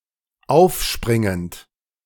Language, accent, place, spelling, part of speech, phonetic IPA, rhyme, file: German, Germany, Berlin, aufspringend, verb, [ˈaʊ̯fˌʃpʁɪŋənt], -aʊ̯fʃpʁɪŋənt, De-aufspringend.ogg
- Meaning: present participle of aufspringen